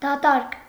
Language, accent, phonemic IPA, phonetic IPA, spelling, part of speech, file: Armenian, Eastern Armenian, /dɑˈtɑɾk/, [dɑtɑ́ɾk], դատարկ, adjective, Hy-դատարկ.ogg
- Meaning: empty